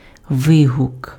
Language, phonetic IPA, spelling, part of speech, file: Ukrainian, [ˈʋɪɦʊk], вигук, noun, Uk-вигук.ogg
- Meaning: 1. exclamation 2. interjection